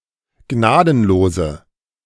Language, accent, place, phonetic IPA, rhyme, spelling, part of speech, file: German, Germany, Berlin, [ˈɡnaːdn̩loːzə], -aːdn̩loːzə, gnadenlose, adjective, De-gnadenlose.ogg
- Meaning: inflection of gnadenlos: 1. strong/mixed nominative/accusative feminine singular 2. strong nominative/accusative plural 3. weak nominative all-gender singular